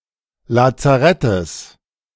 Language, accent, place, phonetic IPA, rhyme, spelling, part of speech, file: German, Germany, Berlin, [lat͡saˈʁɛtəs], -ɛtəs, Lazarettes, noun, De-Lazarettes.ogg
- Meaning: genitive singular of Lazarett